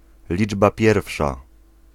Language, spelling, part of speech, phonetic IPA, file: Polish, liczba pierwsza, noun, [ˈlʲid͡ʒba ˈpʲjɛrfʃa], Pl-liczba pierwsza.ogg